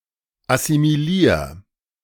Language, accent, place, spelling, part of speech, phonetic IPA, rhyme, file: German, Germany, Berlin, assimilier, verb, [asimiˈliːɐ̯], -iːɐ̯, De-assimilier.ogg
- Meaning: 1. singular imperative of assimilieren 2. first-person singular present of assimilieren